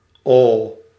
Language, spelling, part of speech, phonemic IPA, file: Dutch, oh, interjection, /oː/, Nl-oh.ogg
- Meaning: oh